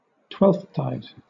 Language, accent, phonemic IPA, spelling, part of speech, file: English, Southern England, /ˈtwɛlfθtaɪd/, Twelfthtide, proper noun, LL-Q1860 (eng)-Twelfthtide.wav
- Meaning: The season including Epiphany (the twelfth day after Christmas) and the evening of the preceding day (Twelfth Night), regarded as the end of the Christmas season; Epiphany itself